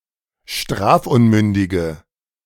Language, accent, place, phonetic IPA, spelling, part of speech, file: German, Germany, Berlin, [ˈʃtʁaːfˌʔʊnmʏndɪɡə], strafunmündige, adjective, De-strafunmündige.ogg
- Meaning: inflection of strafunmündig: 1. strong/mixed nominative/accusative feminine singular 2. strong nominative/accusative plural 3. weak nominative all-gender singular